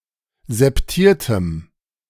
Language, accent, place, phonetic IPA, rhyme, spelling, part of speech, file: German, Germany, Berlin, [zɛpˈtiːɐ̯təm], -iːɐ̯təm, septiertem, adjective, De-septiertem.ogg
- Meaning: strong dative masculine/neuter singular of septiert